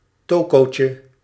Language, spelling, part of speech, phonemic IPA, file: Dutch, tokootje, noun, /ˈtoː.koː.tjə/, Nl-tokootje.ogg
- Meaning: diminutive of toko